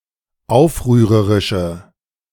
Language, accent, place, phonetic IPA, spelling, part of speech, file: German, Germany, Berlin, [ˈaʊ̯fʁyːʁəʁɪʃə], aufrührerische, adjective, De-aufrührerische.ogg
- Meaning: inflection of aufrührerisch: 1. strong/mixed nominative/accusative feminine singular 2. strong nominative/accusative plural 3. weak nominative all-gender singular